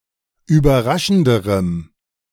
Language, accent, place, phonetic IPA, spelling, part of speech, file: German, Germany, Berlin, [yːbɐˈʁaʃn̩dəʁəm], überraschenderem, adjective, De-überraschenderem.ogg
- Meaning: strong dative masculine/neuter singular comparative degree of überraschend